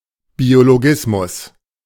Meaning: biologism, biological determinism
- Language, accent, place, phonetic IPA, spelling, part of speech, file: German, Germany, Berlin, [bioloˈɡɪsmʊs], Biologismus, noun, De-Biologismus.ogg